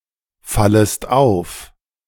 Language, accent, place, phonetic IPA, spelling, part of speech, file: German, Germany, Berlin, [ˌfaləst ˈaʊ̯f], fallest auf, verb, De-fallest auf.ogg
- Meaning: second-person singular subjunctive I of auffallen